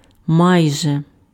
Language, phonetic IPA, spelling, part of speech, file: Ukrainian, [ˈmai̯ʒe], майже, adverb, Uk-майже.ogg
- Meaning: almost, nearly